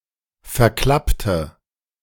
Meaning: inflection of verklappen: 1. first/third-person singular preterite 2. first/third-person singular subjunctive II
- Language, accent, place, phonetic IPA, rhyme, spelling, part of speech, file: German, Germany, Berlin, [fɛɐ̯ˈklaptə], -aptə, verklappte, adjective / verb, De-verklappte.ogg